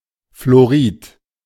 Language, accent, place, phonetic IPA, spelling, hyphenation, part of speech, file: German, Germany, Berlin, [floˈʁiːt], florid, flo‧rid, adjective, De-florid.ogg
- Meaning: active, florid